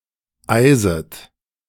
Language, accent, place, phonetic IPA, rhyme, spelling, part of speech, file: German, Germany, Berlin, [ˈaɪ̯zət], -aɪ̯zət, eiset, verb, De-eiset.ogg
- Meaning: second-person plural subjunctive I of eisen